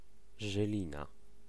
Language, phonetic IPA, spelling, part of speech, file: Polish, [ʒɨˈlʲĩna], Żylina, proper noun, Pl-Żylina.ogg